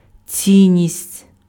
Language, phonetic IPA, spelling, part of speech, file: Ukrainian, [ˈt͡sʲinʲːisʲtʲ], цінність, noun, Uk-цінність.ogg
- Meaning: 1. value, importance, worth 2. valuable (often in plural)